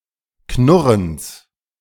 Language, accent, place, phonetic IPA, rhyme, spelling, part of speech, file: German, Germany, Berlin, [ˈknʊʁəns], -ʊʁəns, Knurrens, noun, De-Knurrens.ogg
- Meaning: genitive singular of Knurren